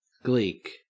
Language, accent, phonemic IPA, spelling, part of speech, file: English, Australia, /ɡliːk/, Gleek, noun, En-au-Gleek.ogg
- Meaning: A fan of the television show Glee